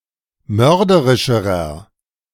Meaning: inflection of mörderisch: 1. strong/mixed nominative masculine singular comparative degree 2. strong genitive/dative feminine singular comparative degree 3. strong genitive plural comparative degree
- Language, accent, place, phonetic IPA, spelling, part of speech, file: German, Germany, Berlin, [ˈmœʁdəʁɪʃəʁɐ], mörderischerer, adjective, De-mörderischerer.ogg